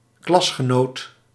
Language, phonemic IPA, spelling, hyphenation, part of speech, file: Dutch, /ˈklɑsxəˌnot/, klasgenoot, klas‧ge‧noot, noun, Nl-klasgenoot.ogg
- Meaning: classmate, fellow pupil/student in the same class